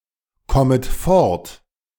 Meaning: second-person plural subjunctive I of fortkommen
- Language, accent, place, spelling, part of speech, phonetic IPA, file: German, Germany, Berlin, kommet fort, verb, [ˌkɔmət ˈfɔʁt], De-kommet fort.ogg